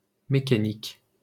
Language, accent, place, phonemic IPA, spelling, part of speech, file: French, France, Paris, /me.ka.nik/, mécanique, adjective / noun, LL-Q150 (fra)-mécanique.wav
- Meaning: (adjective) 1. mechanical (of or pertaining to a machine) 2. mechanical, lifeless; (noun) mechanics